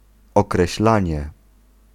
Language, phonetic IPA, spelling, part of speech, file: Polish, [ˌɔkrɛɕˈlãɲɛ], określanie, noun, Pl-określanie.ogg